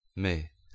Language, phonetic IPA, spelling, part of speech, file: Polish, [mɨ], my, pronoun / noun, Pl-my.ogg